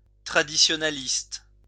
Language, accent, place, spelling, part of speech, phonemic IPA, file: French, France, Lyon, traditionaliste, adjective / noun, /tʁa.di.sjɔ.na.list/, LL-Q150 (fra)-traditionaliste.wav
- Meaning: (adjective) traditionalist, traditionalistic; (noun) traditionalist